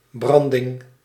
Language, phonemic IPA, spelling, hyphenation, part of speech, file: Dutch, /ˈbrɑn.dɪŋ/, branding, bran‧ding, noun, Nl-branding.ogg
- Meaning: breakers (foaming waves), surf